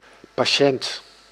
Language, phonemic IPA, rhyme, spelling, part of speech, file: Dutch, /pɑˈʃɛnt/, -ɛnt, patiënt, noun, Nl-patiënt.ogg
- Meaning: 1. patient, someone who receives therapeutic treatment 2. someone/something getting some help